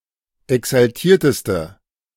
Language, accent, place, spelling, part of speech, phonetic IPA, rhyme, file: German, Germany, Berlin, exaltierteste, adjective, [ɛksalˈtiːɐ̯təstə], -iːɐ̯təstə, De-exaltierteste.ogg
- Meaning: inflection of exaltiert: 1. strong/mixed nominative/accusative feminine singular superlative degree 2. strong nominative/accusative plural superlative degree